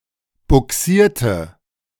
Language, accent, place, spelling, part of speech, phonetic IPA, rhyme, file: German, Germany, Berlin, bugsierte, adjective / verb, [bʊˈksiːɐ̯tə], -iːɐ̯tə, De-bugsierte.ogg
- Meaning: inflection of bugsieren: 1. first/third-person singular preterite 2. first/third-person singular subjunctive II